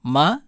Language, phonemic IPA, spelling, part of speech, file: Tamil, /mɐ/, ம, character, TA-ம.ogg
- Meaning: A consonantal letter of the Tamil script